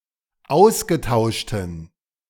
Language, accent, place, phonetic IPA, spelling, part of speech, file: German, Germany, Berlin, [ˈaʊ̯sɡəˌtaʊ̯ʃtn̩], ausgetauschten, adjective, De-ausgetauschten.ogg
- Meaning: inflection of ausgetauscht: 1. strong genitive masculine/neuter singular 2. weak/mixed genitive/dative all-gender singular 3. strong/weak/mixed accusative masculine singular 4. strong dative plural